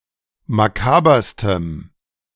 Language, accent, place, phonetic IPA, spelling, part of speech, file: German, Germany, Berlin, [maˈkaːbɐstəm], makaberstem, adjective, De-makaberstem.ogg
- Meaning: strong dative masculine/neuter singular superlative degree of makaber